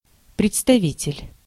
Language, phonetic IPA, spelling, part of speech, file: Russian, [prʲɪt͡stɐˈvʲitʲɪlʲ], представитель, noun, Ru-представитель.ogg
- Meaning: 1. representative 2. specimen